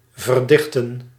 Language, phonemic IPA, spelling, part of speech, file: Dutch, /vərˈdɪxtə(n)/, verdichten, verb, Nl-verdichten.ogg
- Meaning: to condense